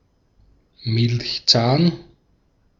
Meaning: milk tooth (tooth of the first set of teeth)
- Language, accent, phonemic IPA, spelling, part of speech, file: German, Austria, /ˈmɪlçˌt͡saːn/, Milchzahn, noun, De-at-Milchzahn.ogg